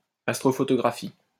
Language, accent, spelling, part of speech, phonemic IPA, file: French, France, astrophotographie, noun, /as.tʁo.fɔ.tɔ.ɡʁa.fi/, LL-Q150 (fra)-astrophotographie.wav
- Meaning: astrophotography